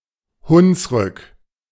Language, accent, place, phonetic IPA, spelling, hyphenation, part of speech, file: German, Germany, Berlin, [ˈhʊnsʁʏk], Hunsrück, Huns‧rück, proper noun, De-Hunsrück.ogg
- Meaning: Hunsrück (a low mountain range in Rhineland-Palatinate, Germany)